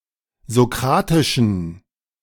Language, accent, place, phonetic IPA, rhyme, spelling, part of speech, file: German, Germany, Berlin, [zoˈkʁaːtɪʃn̩], -aːtɪʃn̩, sokratischen, adjective, De-sokratischen.ogg
- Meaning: inflection of sokratisch: 1. strong genitive masculine/neuter singular 2. weak/mixed genitive/dative all-gender singular 3. strong/weak/mixed accusative masculine singular 4. strong dative plural